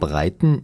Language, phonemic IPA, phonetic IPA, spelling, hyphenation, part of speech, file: German, /ˈbʁaɪ̯tən/, [ˈbʁaɪ̯tn̩], breiten, brei‧ten, verb / adjective, De-breiten.ogg
- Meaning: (verb) 1. to spread 2. to extend, to stretch; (adjective) inflection of breit: 1. strong genitive masculine/neuter singular 2. weak/mixed genitive/dative all-gender singular